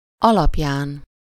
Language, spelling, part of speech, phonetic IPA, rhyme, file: Hungarian, alapján, noun / postposition, [ˈɒlɒpjaːn], -aːn, Hu-alapján.ogg
- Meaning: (noun) superessive of alapja; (postposition) 1. based on, by 2. on account of, because of, due to, owing to